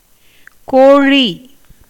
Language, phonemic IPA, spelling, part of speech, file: Tamil, /koːɻiː/, கோழி, noun, Ta-கோழி.ogg
- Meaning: chicken, gallinaceous fowl, poultry; (especially) hen